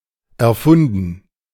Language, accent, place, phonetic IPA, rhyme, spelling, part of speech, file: German, Germany, Berlin, [ɛɐ̯ˈfʊndn̩], -ʊndn̩, erfunden, verb, De-erfunden.ogg
- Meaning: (verb) past participle of erfinden; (adjective) 1. invented, contrived 2. fictional 3. imaginary 4. bogus